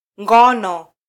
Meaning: 1. time for sleeping 2. sex (sexual intercourse)
- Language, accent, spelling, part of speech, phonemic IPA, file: Swahili, Kenya, ngono, noun, /ˈᵑɡɔ.nɔ/, Sw-ke-ngono.flac